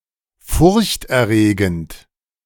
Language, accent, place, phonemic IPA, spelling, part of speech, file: German, Germany, Berlin, /ˈfʊʁçtʔɛɐ̯ˌʁeːɡənt/, furchterregend, adjective, De-furchterregend.ogg
- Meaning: terrifying